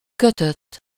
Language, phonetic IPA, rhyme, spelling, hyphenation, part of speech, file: Hungarian, [ˈkøtøtː], -øtː, kötött, kö‧tött, verb / adjective, Hu-kötött.ogg
- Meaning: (verb) 1. third-person singular indicative past indefinite of köt 2. past participle of köt: bound, tied, knitted etc; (adjective) 1. strict, fixed 2. bound 3. knitted